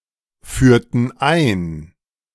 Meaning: inflection of einführen: 1. first/third-person plural preterite 2. first/third-person plural subjunctive II
- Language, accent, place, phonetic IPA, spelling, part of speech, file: German, Germany, Berlin, [ˌfyːɐ̯tn̩ ˈaɪ̯n], führten ein, verb, De-führten ein.ogg